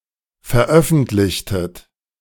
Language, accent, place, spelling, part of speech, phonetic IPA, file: German, Germany, Berlin, veröffentlichtet, verb, [fɛɐ̯ˈʔœfn̩tlɪçtət], De-veröffentlichtet.ogg
- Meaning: inflection of veröffentlichen: 1. second-person plural preterite 2. second-person plural subjunctive II